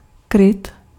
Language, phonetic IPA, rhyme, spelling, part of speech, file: Czech, [ˈkrɪt], -ɪt, kryt, noun, Cs-kryt.ogg
- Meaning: 1. cover, shield 2. housing, casing (of a part of a machine) 3. shelter